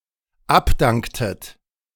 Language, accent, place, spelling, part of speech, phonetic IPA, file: German, Germany, Berlin, abdanktet, verb, [ˈapˌdaŋktət], De-abdanktet.ogg
- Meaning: inflection of abdanken: 1. second-person plural dependent preterite 2. second-person plural dependent subjunctive II